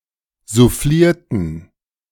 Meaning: inflection of soufflieren: 1. first/third-person plural preterite 2. first/third-person plural subjunctive II
- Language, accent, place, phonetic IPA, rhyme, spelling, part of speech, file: German, Germany, Berlin, [zuˈfliːɐ̯tn̩], -iːɐ̯tn̩, soufflierten, verb, De-soufflierten.ogg